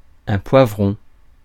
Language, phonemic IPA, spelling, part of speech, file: French, /pwa.vʁɔ̃/, poivron, noun, Fr-poivron.ogg
- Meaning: sweet pepper, bell pepper (Capsicum annuum)